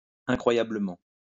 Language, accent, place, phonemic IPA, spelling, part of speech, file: French, France, Lyon, /ɛ̃.kʁwa.ja.blə.mɑ̃/, incroyablement, adverb, LL-Q150 (fra)-incroyablement.wav
- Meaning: unbelievably (all meanings)